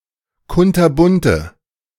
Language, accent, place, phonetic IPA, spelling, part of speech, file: German, Germany, Berlin, [ˈkʊntɐˌbʊntə], kunterbunte, adjective, De-kunterbunte.ogg
- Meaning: inflection of kunterbunt: 1. strong/mixed nominative/accusative feminine singular 2. strong nominative/accusative plural 3. weak nominative all-gender singular